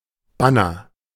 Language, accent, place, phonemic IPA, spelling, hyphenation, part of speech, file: German, Germany, Berlin, /ˈbanɐ/, Banner, Ban‧ner, noun, De-Banner.ogg
- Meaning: banner